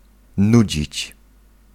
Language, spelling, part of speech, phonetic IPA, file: Polish, nudzić, verb, [ˈnud͡ʑit͡ɕ], Pl-nudzić.ogg